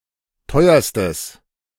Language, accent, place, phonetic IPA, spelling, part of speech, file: German, Germany, Berlin, [ˈtɔɪ̯ɐstəs], teuerstes, adjective, De-teuerstes.ogg
- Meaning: strong/mixed nominative/accusative neuter singular superlative degree of teuer